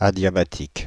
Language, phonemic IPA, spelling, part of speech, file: French, /a.dja.ba.tik/, adiabatique, adjective, Fr-adiabatique.ogg
- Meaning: adiabatic